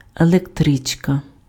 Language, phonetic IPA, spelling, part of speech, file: Ukrainian, [eɫekˈtrɪt͡ʃkɐ], електричка, noun, Uk-електричка.ogg
- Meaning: electric train